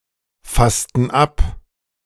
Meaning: inflection of abfassen: 1. first/third-person plural preterite 2. first/third-person plural subjunctive II
- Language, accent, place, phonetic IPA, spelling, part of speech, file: German, Germany, Berlin, [ˌfastn̩ ˈap], fassten ab, verb, De-fassten ab.ogg